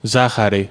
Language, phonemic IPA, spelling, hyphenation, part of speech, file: Greek, /ˈza.xa.ɾi/, ζάχαρη, ζά‧χα‧ρη, noun, El-ζάχαρη.ogg
- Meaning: sugar, sucrose